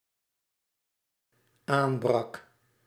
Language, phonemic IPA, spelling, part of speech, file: Dutch, /ˈaːmˌbrɑk/, aanbrak, verb, Nl-aanbrak.ogg
- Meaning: singular dependent-clause past indicative of aanbreken